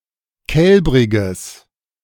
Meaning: strong/mixed nominative/accusative neuter singular of kälbrig
- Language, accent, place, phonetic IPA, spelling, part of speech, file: German, Germany, Berlin, [ˈkɛlbʁɪɡəs], kälbriges, adjective, De-kälbriges.ogg